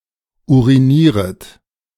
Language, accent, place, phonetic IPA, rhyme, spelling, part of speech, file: German, Germany, Berlin, [ˌuʁiˈniːʁət], -iːʁət, urinieret, verb, De-urinieret.ogg
- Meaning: second-person plural subjunctive I of urinieren